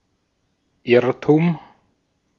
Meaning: error, mistake
- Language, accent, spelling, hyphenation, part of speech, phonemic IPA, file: German, Austria, Irrtum, Irr‧tum, noun, /ˈɪʁtʊm/, De-at-Irrtum.ogg